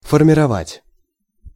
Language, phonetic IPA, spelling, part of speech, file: Russian, [fərmʲɪrɐˈvatʲ], формировать, verb, Ru-формировать.ogg
- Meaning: to form, to shape, to mould, to make up